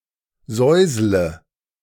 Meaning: inflection of säuseln: 1. first-person singular present 2. first/third-person singular subjunctive I 3. singular imperative
- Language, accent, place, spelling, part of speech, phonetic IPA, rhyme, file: German, Germany, Berlin, säusle, verb, [ˈzɔɪ̯zlə], -ɔɪ̯zlə, De-säusle.ogg